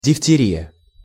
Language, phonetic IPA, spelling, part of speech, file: Russian, [dʲɪftʲɪˈrʲijə], дифтерия, noun, Ru-дифтерия.ogg
- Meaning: diphtheria